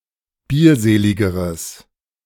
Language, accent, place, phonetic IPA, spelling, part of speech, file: German, Germany, Berlin, [ˈbiːɐ̯ˌzeːlɪɡəʁəs], bierseligeres, adjective, De-bierseligeres.ogg
- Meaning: strong/mixed nominative/accusative neuter singular comparative degree of bierselig